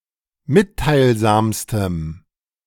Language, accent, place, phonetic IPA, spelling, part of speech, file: German, Germany, Berlin, [ˈmɪttaɪ̯lˌzaːmstəm], mitteilsamstem, adjective, De-mitteilsamstem.ogg
- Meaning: strong dative masculine/neuter singular superlative degree of mitteilsam